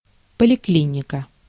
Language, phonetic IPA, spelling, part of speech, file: Russian, [pəlʲɪˈklʲinʲɪkə], поликлиника, noun, Ru-поликлиника.ogg
- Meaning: policlinic, outpatient clinic